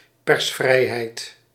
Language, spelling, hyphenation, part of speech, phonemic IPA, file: Dutch, persvrijheid, pers‧vrij‧heid, noun, /ˈpɛrsˌfrɛi̯.ɦɛi̯t/, Nl-persvrijheid.ogg
- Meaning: freedom of the press